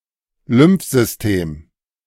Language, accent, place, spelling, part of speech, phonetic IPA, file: German, Germany, Berlin, Lymphsystem, noun, [ˈlʏmfˌzʏsteːm], De-Lymphsystem.ogg
- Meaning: lymphatic system